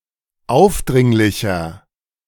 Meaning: 1. comparative degree of aufdringlich 2. inflection of aufdringlich: strong/mixed nominative masculine singular 3. inflection of aufdringlich: strong genitive/dative feminine singular
- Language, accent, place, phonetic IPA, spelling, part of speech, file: German, Germany, Berlin, [ˈaʊ̯fˌdʁɪŋlɪçɐ], aufdringlicher, adjective, De-aufdringlicher.ogg